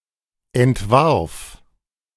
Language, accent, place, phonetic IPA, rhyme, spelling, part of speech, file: German, Germany, Berlin, [ɛntˈvaʁf], -aʁf, entwarf, verb, De-entwarf.ogg
- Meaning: first/third-person singular preterite of entwerfen